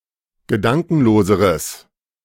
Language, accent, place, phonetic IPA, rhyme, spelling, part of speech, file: German, Germany, Berlin, [ɡəˈdaŋkn̩loːzəʁəs], -aŋkn̩loːzəʁəs, gedankenloseres, adjective, De-gedankenloseres.ogg
- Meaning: strong/mixed nominative/accusative neuter singular comparative degree of gedankenlos